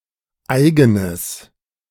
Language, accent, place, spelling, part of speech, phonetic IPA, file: German, Germany, Berlin, eigenes, adjective, [ˈaɪ̯ɡənəs], De-eigenes.ogg
- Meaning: strong/mixed nominative/accusative neuter singular of eigen